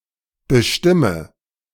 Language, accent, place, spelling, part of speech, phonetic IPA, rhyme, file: German, Germany, Berlin, bestimme, verb, [bəˈʃtɪmə], -ɪmə, De-bestimme.ogg
- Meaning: inflection of bestimmen: 1. first-person singular present 2. first/third-person singular subjunctive I 3. singular imperative